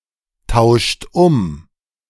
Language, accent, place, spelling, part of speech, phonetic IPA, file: German, Germany, Berlin, tauscht um, verb, [ˌtaʊ̯ʃt ˈʊm], De-tauscht um.ogg
- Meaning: inflection of umtauschen: 1. third-person singular present 2. second-person plural present 3. plural imperative